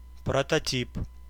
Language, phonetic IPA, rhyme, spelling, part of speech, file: Russian, [prətɐˈtʲip], -ip, прототип, noun, Ru-прототип.ogg
- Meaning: prototype